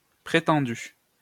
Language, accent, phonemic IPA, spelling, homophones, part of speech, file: French, France, /pʁe.tɑ̃.dy/, prétendu, prétendue / prétendues / prétendus, verb / noun, LL-Q150 (fra)-prétendu.wav
- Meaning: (verb) past participle of prétendre; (noun) 1. fiancé, future husband 2. boyfriend